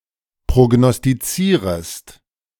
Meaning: second-person singular subjunctive I of prognostizieren
- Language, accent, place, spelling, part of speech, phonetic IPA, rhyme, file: German, Germany, Berlin, prognostizierest, verb, [pʁoɡnɔstiˈt͡siːʁəst], -iːʁəst, De-prognostizierest.ogg